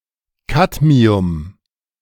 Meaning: alternative form of Cadmium
- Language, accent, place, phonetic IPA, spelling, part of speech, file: German, Germany, Berlin, [ˈkatmiʊm], Kadmium, noun, De-Kadmium.ogg